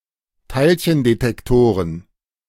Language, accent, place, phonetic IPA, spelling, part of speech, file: German, Germany, Berlin, [ˈtaɪ̯lçəndetɛkˌtoːʁən], Teilchendetektoren, noun, De-Teilchendetektoren.ogg
- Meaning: plural of Teilchendetektor